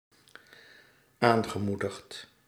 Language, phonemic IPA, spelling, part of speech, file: Dutch, /ˈaŋɣəˌmudext/, aangemoedigd, verb, Nl-aangemoedigd.ogg
- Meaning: past participle of aanmoedigen